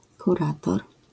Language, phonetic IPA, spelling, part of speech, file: Polish, [kuˈratɔr], kurator, noun, LL-Q809 (pol)-kurator.wav